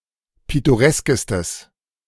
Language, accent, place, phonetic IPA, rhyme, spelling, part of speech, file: German, Germany, Berlin, [ˌpɪtoˈʁɛskəstəs], -ɛskəstəs, pittoreskestes, adjective, De-pittoreskestes.ogg
- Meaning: strong/mixed nominative/accusative neuter singular superlative degree of pittoresk